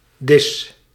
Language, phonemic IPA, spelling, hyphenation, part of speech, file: Dutch, /dɪs-/, dis-, dis-, prefix, Nl-dis-.ogg
- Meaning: dis-